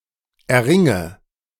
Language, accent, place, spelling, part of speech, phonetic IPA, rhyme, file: German, Germany, Berlin, erringe, verb, [ɛɐ̯ˈʁɪŋə], -ɪŋə, De-erringe.ogg
- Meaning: inflection of erringen: 1. first-person singular present 2. first/third-person singular subjunctive I 3. singular imperative